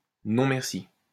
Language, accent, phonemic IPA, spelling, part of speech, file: French, France, /nɔ̃ mɛʁ.si/, non merci, interjection, LL-Q150 (fra)-non merci.wav
- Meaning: no thanks, no thank you